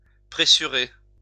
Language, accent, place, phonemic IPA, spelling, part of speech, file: French, France, Lyon, /pʁe.sy.ʁe/, pressurer, verb, LL-Q150 (fra)-pressurer.wav
- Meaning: 1. to squeeze 2. to extort